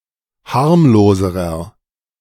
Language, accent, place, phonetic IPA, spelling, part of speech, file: German, Germany, Berlin, [ˈhaʁmloːzəʁɐ], harmloserer, adjective, De-harmloserer.ogg
- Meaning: inflection of harmlos: 1. strong/mixed nominative masculine singular comparative degree 2. strong genitive/dative feminine singular comparative degree 3. strong genitive plural comparative degree